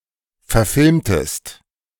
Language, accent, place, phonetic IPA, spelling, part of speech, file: German, Germany, Berlin, [fɛɐ̯ˈfɪlmtəst], verfilmtest, verb, De-verfilmtest.ogg
- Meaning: inflection of verfilmen: 1. second-person singular preterite 2. second-person singular subjunctive II